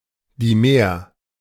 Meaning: dimer
- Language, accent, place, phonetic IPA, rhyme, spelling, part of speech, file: German, Germany, Berlin, [diˈmeːɐ̯], -eːɐ̯, Dimer, noun, De-Dimer.ogg